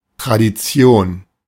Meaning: tradition
- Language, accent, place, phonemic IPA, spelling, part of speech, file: German, Germany, Berlin, /tʁadiˈt͡si̯oːn/, Tradition, noun, De-Tradition.ogg